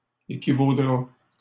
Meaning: third-person singular simple future of équivaloir
- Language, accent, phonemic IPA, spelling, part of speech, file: French, Canada, /e.ki.vo.dʁa/, équivaudra, verb, LL-Q150 (fra)-équivaudra.wav